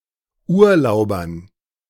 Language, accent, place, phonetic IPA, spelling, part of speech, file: German, Germany, Berlin, [ˈuːɐ̯ˌlaʊ̯bɐn], Urlaubern, noun, De-Urlaubern.ogg
- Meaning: dative plural of Urlauber